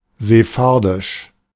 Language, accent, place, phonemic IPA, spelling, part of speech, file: German, Germany, Berlin, /zeˈfaʁdɪʃ/, sephardisch, adjective, De-sephardisch.ogg
- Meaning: Sephardic